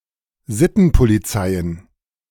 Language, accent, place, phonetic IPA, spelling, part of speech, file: German, Germany, Berlin, [ˈzɪtn̩poliˌt͡saɪ̯ən], Sittenpolizeien, noun, De-Sittenpolizeien.ogg
- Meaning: plural of Sittenpolizei